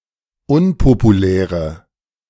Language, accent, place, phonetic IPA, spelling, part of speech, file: German, Germany, Berlin, [ˈʊnpopuˌlɛːʁə], unpopuläre, adjective, De-unpopuläre.ogg
- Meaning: inflection of unpopulär: 1. strong/mixed nominative/accusative feminine singular 2. strong nominative/accusative plural 3. weak nominative all-gender singular